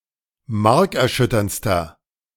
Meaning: inflection of markerschütternd: 1. strong/mixed nominative masculine singular superlative degree 2. strong genitive/dative feminine singular superlative degree
- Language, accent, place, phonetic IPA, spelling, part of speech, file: German, Germany, Berlin, [ˈmaʁkɛɐ̯ˌʃʏtɐnt͡stɐ], markerschütterndster, adjective, De-markerschütterndster.ogg